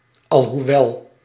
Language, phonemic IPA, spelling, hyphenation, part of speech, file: Dutch, /ˌɑl.ɦuˈʋɛl/, alhoewel, al‧hoe‧wel, conjunction, Nl-alhoewel.ogg
- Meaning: although, albeit